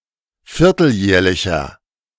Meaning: inflection of vierteljährlich: 1. strong/mixed nominative masculine singular 2. strong genitive/dative feminine singular 3. strong genitive plural
- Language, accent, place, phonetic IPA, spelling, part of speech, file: German, Germany, Berlin, [ˈfɪʁtl̩ˌjɛːɐ̯lɪçɐ], vierteljährlicher, adjective, De-vierteljährlicher.ogg